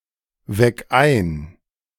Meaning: 1. singular imperative of einwecken 2. first-person singular present of einwecken
- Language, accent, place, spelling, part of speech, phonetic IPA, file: German, Germany, Berlin, weck ein, verb, [ˌvɛk ˈaɪ̯n], De-weck ein.ogg